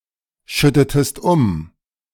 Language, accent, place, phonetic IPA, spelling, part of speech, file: German, Germany, Berlin, [ˌʃʏtətəst ˈʊm], schüttetest um, verb, De-schüttetest um.ogg
- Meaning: inflection of umschütten: 1. second-person singular preterite 2. second-person singular subjunctive II